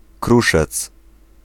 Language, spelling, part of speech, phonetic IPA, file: Polish, kruszec, noun, [ˈkruʃɛt͡s], Pl-kruszec.ogg